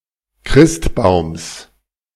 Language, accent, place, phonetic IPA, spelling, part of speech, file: German, Germany, Berlin, [ˈkʁɪstˌbaʊ̯ms], Christbaums, noun, De-Christbaums.ogg
- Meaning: genitive singular of Christbaum